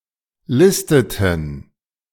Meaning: inflection of listen: 1. first/third-person plural preterite 2. first/third-person plural subjunctive II
- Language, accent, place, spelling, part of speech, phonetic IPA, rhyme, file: German, Germany, Berlin, listeten, verb, [ˈlɪstətn̩], -ɪstətn̩, De-listeten.ogg